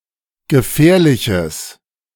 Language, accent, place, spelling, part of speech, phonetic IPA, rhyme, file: German, Germany, Berlin, gefährliches, adjective, [ɡəˈfɛːɐ̯lɪçəs], -ɛːɐ̯lɪçəs, De-gefährliches.ogg
- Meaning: strong/mixed nominative/accusative neuter singular of gefährlich